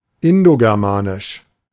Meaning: Indo-European (of or relating to languages originally spoken in Europe and Western Asia)
- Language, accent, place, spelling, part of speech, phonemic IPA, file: German, Germany, Berlin, indogermanisch, adjective, /ˌɪndoɡɛʁˈmaːnɪʃ/, De-indogermanisch.ogg